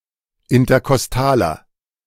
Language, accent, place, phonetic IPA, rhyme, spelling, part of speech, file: German, Germany, Berlin, [ɪntɐkɔsˈtaːlɐ], -aːlɐ, interkostaler, adjective, De-interkostaler.ogg
- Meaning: inflection of interkostal: 1. strong/mixed nominative masculine singular 2. strong genitive/dative feminine singular 3. strong genitive plural